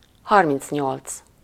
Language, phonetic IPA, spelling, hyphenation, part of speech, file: Hungarian, [ˈhɒrmint͡sɲolt͡s], harmincnyolc, har‧minc‧nyolc, numeral, Hu-harmincnyolc.ogg
- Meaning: thirty-eight